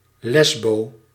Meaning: lesbian
- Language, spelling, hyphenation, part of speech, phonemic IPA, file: Dutch, lesbo, les‧bo, noun, /ˈlɛs.boː/, Nl-lesbo.ogg